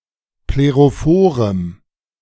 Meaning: strong dative masculine/neuter singular of plerophor
- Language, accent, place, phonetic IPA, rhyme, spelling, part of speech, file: German, Germany, Berlin, [pleʁoˈfoːʁəm], -oːʁəm, plerophorem, adjective, De-plerophorem.ogg